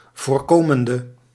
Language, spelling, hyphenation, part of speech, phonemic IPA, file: Dutch, voorkomende, voor‧ko‧men‧de, verb, /voːrˈkoːməndə/, Nl-voorkomende1.ogg
- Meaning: inflection of voorkomend (“preventing”): 1. masculine/feminine singular attributive 2. definite neuter singular attributive 3. plural attributive